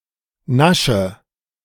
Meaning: inflection of naschen: 1. first-person singular present 2. first/third-person singular subjunctive I 3. singular imperative
- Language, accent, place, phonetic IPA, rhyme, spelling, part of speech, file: German, Germany, Berlin, [ˈnaʃə], -aʃə, nasche, verb, De-nasche.ogg